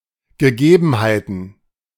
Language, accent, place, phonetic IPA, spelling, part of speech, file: German, Germany, Berlin, [ɡəˈɡeːbn̩haɪ̯tn̩], Gegebenheiten, noun, De-Gegebenheiten.ogg
- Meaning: plural of Gegebenheit